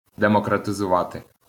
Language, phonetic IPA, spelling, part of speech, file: Ukrainian, [demɔkrɐtezʊˈʋate], демократизувати, verb, LL-Q8798 (ukr)-демократизувати.wav
- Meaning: to democratize